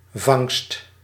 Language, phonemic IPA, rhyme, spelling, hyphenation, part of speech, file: Dutch, /vɑŋst/, -ɑŋst, vangst, vangst, noun, Nl-vangst.ogg
- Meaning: 1. a catch, a haul (that which has been caught) 2. the act of catching